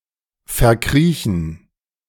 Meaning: 1. to creep away 2. to hide away, to be holed up
- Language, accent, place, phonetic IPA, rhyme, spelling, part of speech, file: German, Germany, Berlin, [fɛɐ̯ˈkʁiːçn̩], -iːçn̩, verkriechen, verb, De-verkriechen.ogg